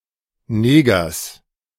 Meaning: genitive singular of Neger
- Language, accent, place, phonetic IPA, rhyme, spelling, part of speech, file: German, Germany, Berlin, [ˈneːɡɐs], -eːɡɐs, Negers, proper noun / noun, De-Negers.ogg